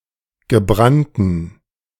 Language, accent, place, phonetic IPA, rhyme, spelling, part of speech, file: German, Germany, Berlin, [ɡəˈbʁantn̩], -antn̩, gebrannten, adjective, De-gebrannten.ogg
- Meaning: inflection of gebrannt: 1. strong genitive masculine/neuter singular 2. weak/mixed genitive/dative all-gender singular 3. strong/weak/mixed accusative masculine singular 4. strong dative plural